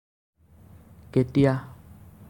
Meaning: when
- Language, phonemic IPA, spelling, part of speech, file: Assamese, /kɛ.tiɑ/, কেতিয়া, adverb, As-কেতিয়া.ogg